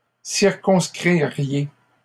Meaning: second-person plural conditional of circonscrire
- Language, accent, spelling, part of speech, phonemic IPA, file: French, Canada, circonscririez, verb, /siʁ.kɔ̃s.kʁi.ʁje/, LL-Q150 (fra)-circonscririez.wav